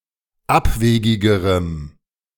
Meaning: strong dative masculine/neuter singular comparative degree of abwegig
- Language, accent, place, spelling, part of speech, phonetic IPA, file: German, Germany, Berlin, abwegigerem, adjective, [ˈapˌveːɡɪɡəʁəm], De-abwegigerem.ogg